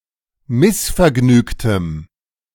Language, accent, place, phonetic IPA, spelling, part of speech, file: German, Germany, Berlin, [ˈmɪsfɛɐ̯ˌɡnyːktəm], missvergnügtem, adjective, De-missvergnügtem.ogg
- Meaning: strong dative masculine/neuter singular of missvergnügt